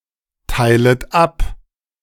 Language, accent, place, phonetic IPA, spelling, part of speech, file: German, Germany, Berlin, [ˌtaɪ̯lət ˈap], teilet ab, verb, De-teilet ab.ogg
- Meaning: second-person plural subjunctive I of abteilen